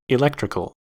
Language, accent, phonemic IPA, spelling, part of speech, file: English, US, /ɪˈlɛktɹɪkəl/, electrical, adjective / noun, En-us-electrical.ogg
- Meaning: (adjective) Related to electricity (or electronics); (noun) An electrical engineer